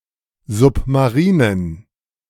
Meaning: inflection of submarin: 1. strong genitive masculine/neuter singular 2. weak/mixed genitive/dative all-gender singular 3. strong/weak/mixed accusative masculine singular 4. strong dative plural
- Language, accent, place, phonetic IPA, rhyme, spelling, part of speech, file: German, Germany, Berlin, [ˌzʊpmaˈʁiːnən], -iːnən, submarinen, adjective, De-submarinen.ogg